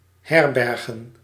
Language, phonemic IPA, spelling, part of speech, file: Dutch, /ˈhɛrbɛrɣə(n)/, herbergen, verb / noun, Nl-herbergen.ogg
- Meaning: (verb) to lodge (to supply with a room or place to sleep in for a time); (noun) plural of herberg